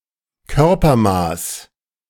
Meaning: body size
- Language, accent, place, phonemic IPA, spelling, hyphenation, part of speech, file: German, Germany, Berlin, /ˈkœʁpɐˌmaːs/, Körpermaß, Kör‧per‧maß, noun, De-Körpermaß.ogg